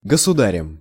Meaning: instrumental singular of госуда́рь (gosudárʹ)
- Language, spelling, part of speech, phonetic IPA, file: Russian, государем, noun, [ɡəsʊˈdarʲɪm], Ru-государем.ogg